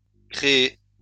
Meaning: feminine plural of créé
- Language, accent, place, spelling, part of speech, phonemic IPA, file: French, France, Lyon, créées, verb, /kʁe.e/, LL-Q150 (fra)-créées.wav